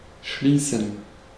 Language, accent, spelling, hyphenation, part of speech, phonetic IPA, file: German, Germany, schließen, schlie‧ßen, verb, [ˈʃliːsən], De-schließen.ogg
- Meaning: 1. to shut; to close; to shut down 2. to lock 3. to conclude; to end; to close 4. to come to (an agreement); to enter into (a relationship); to reach (a settlement)